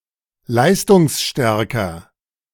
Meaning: comparative degree of leistungsstark
- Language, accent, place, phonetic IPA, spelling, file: German, Germany, Berlin, [ˈlaɪ̯stʊŋsˌʃtɛʁkɐ], leistungsstärker, De-leistungsstärker.ogg